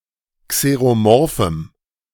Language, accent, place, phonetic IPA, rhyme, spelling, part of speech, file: German, Germany, Berlin, [kseʁoˈmɔʁfm̩], -ɔʁfm̩, xeromorphem, adjective, De-xeromorphem.ogg
- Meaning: strong dative masculine/neuter singular of xeromorph